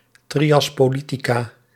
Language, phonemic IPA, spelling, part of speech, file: Dutch, /ˌtrijɑspoˈlitiˌka/, trias politica, noun, Nl-trias politica.ogg
- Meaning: the triad of organs of state between which sovereign power is divided according to the principle of separation of powers